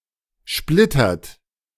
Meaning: inflection of splittern: 1. third-person singular present 2. second-person plural present 3. plural imperative
- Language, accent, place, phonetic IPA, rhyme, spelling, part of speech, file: German, Germany, Berlin, [ˈʃplɪtɐt], -ɪtɐt, splittert, verb, De-splittert.ogg